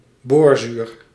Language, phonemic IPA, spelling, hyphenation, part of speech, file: Dutch, /ˈboːr.zyːr/, boorzuur, boor‧zuur, noun, Nl-boorzuur.ogg
- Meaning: the compound boric acid